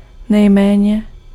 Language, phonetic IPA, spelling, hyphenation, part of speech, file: Czech, [ˈnɛjmɛːɲɛ], nejméně, nej‧mé‧ně, adverb, Cs-nejméně.ogg
- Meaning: 1. superlative degree of málo 2. least